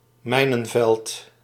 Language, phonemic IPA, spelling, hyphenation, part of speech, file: Dutch, /ˈmɛi̯.nə(n)ˌvɛlt/, mijnenveld, mij‧nen‧veld, noun, Nl-mijnenveld.ogg
- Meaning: minefield